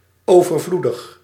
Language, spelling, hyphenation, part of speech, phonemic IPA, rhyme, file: Dutch, overvloedig, over‧vloe‧dig, adjective, /ˌoː.vərˈvlu.dəx/, -udəx, Nl-overvloedig.ogg
- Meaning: abundant